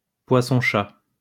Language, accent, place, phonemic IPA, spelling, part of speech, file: French, France, Lyon, /pwa.sɔ̃.ʃa/, poisson-chat, noun, LL-Q150 (fra)-poisson-chat.wav
- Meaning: catfish